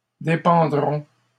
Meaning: third-person plural future of dépendre
- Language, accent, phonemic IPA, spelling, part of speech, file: French, Canada, /de.pɑ̃.dʁɔ̃/, dépendront, verb, LL-Q150 (fra)-dépendront.wav